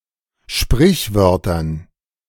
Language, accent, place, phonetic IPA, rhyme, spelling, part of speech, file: German, Germany, Berlin, [ˈʃpʁɪçˌvœʁtɐn], -ɪçvœʁtɐn, Sprichwörtern, noun, De-Sprichwörtern.ogg
- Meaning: dative plural of Sprichwort